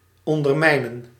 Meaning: to undermine, subvert, sap
- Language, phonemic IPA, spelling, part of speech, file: Dutch, /ˌɔn.dərˈmɛi̯.nə(n)/, ondermijnen, verb, Nl-ondermijnen.ogg